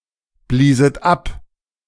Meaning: second-person plural preterite of abblasen
- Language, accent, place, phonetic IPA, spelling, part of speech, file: German, Germany, Berlin, [ˌbliːzət ˈap], blieset ab, verb, De-blieset ab.ogg